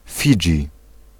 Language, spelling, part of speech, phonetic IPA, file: Polish, Fidżi, proper noun, [ˈfʲid͡ʒʲi], Pl-Fidżi.ogg